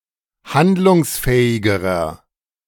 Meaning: inflection of handlungsfähig: 1. strong/mixed nominative masculine singular comparative degree 2. strong genitive/dative feminine singular comparative degree
- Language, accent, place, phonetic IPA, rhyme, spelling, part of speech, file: German, Germany, Berlin, [ˈhandlʊŋsˌfɛːɪɡəʁɐ], -andlʊŋsfɛːɪɡəʁɐ, handlungsfähigerer, adjective, De-handlungsfähigerer.ogg